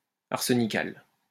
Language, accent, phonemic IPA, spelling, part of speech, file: French, France, /aʁ.sə.ni.kal/, arsenical, adjective, LL-Q150 (fra)-arsenical.wav
- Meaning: arsenical